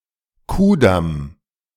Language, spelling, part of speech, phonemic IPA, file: German, Ku'damm, proper noun, /ˈkuːˌdam/, De-Ku’damm.ogg
- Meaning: clipping of Kurfürstendamm